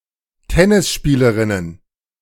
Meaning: plural of Tennisspielerin
- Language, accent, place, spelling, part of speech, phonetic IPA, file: German, Germany, Berlin, Tennisspielerinnen, noun, [ˈtɛnɪsˌʃpiːləʁɪnən], De-Tennisspielerinnen.ogg